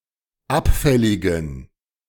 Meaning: inflection of abfällig: 1. strong genitive masculine/neuter singular 2. weak/mixed genitive/dative all-gender singular 3. strong/weak/mixed accusative masculine singular 4. strong dative plural
- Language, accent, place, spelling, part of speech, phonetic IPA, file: German, Germany, Berlin, abfälligen, adjective, [ˈapˌfɛlɪɡn̩], De-abfälligen.ogg